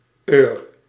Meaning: Used to form agent nouns from verbs
- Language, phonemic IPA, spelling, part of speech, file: Dutch, /ˈøːr/, -eur, suffix, Nl--eur.ogg